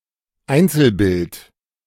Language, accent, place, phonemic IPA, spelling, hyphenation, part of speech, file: German, Germany, Berlin, /ˈaintsəlˌbɪlt/, Einzelbild, Ein‧zel‧bild, noun, De-Einzelbild.ogg
- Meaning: 1. single picture, single image 2. single frame, frame